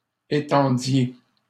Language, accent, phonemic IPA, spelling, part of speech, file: French, Canada, /e.tɑ̃.dje/, étendiez, verb, LL-Q150 (fra)-étendiez.wav
- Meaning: inflection of étendre: 1. second-person plural imperfect indicative 2. second-person plural present subjunctive